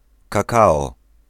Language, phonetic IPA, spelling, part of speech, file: Polish, [kaˈkaɔ], kakao, noun, Pl-kakao.ogg